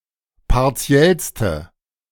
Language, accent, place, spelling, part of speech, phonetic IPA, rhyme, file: German, Germany, Berlin, partiellste, adjective, [paʁˈt͡si̯ɛlstə], -ɛlstə, De-partiellste.ogg
- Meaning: inflection of partiell: 1. strong/mixed nominative/accusative feminine singular superlative degree 2. strong nominative/accusative plural superlative degree